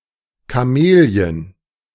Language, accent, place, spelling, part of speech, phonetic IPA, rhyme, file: German, Germany, Berlin, Kamelien, noun, [kaˈmeːli̯ən], -eːli̯ən, De-Kamelien.ogg
- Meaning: plural of Kamelie